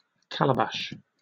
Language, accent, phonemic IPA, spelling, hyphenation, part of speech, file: English, Received Pronunciation, /ˈkaləbaʃ/, calabash, ca‧la‧bash, noun, En-uk-calabash.oga